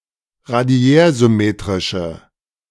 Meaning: inflection of radiärsymmetrisch: 1. strong/mixed nominative/accusative feminine singular 2. strong nominative/accusative plural 3. weak nominative all-gender singular
- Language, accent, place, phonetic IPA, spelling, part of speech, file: German, Germany, Berlin, [ʁaˈdi̯ɛːɐ̯zʏˌmeːtʁɪʃə], radiärsymmetrische, adjective, De-radiärsymmetrische.ogg